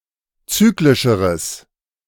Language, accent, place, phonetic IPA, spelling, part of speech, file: German, Germany, Berlin, [ˈt͡syːklɪʃəʁəs], zyklischeres, adjective, De-zyklischeres.ogg
- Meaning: strong/mixed nominative/accusative neuter singular comparative degree of zyklisch